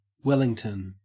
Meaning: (proper noun) 1. The capital city of New Zealand in the Wellington region 2. The capital city of New Zealand in the Wellington region.: by extension, the Government of New Zealand
- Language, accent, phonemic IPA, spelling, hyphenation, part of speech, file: English, Australia, /ˈweləŋtən/, Wellington, Wel‧ling‧ton, proper noun / noun, En-au-Wellington.ogg